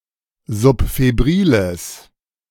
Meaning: strong/mixed nominative/accusative neuter singular of subfebril
- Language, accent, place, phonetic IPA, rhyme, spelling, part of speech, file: German, Germany, Berlin, [zʊpfeˈbʁiːləs], -iːləs, subfebriles, adjective, De-subfebriles.ogg